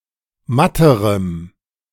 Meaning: strong dative masculine/neuter singular comparative degree of matt
- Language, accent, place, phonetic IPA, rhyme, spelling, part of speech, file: German, Germany, Berlin, [ˈmatəʁəm], -atəʁəm, matterem, adjective, De-matterem.ogg